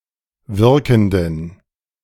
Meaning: inflection of wirkend: 1. strong genitive masculine/neuter singular 2. weak/mixed genitive/dative all-gender singular 3. strong/weak/mixed accusative masculine singular 4. strong dative plural
- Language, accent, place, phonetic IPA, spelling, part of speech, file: German, Germany, Berlin, [ˈvɪʁkn̩dən], wirkenden, adjective, De-wirkenden.ogg